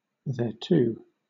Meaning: 1. To that 2. To it
- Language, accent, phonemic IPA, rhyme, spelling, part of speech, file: English, Southern England, /ˌðɛəˈtuː/, -uː, thereto, adverb, LL-Q1860 (eng)-thereto.wav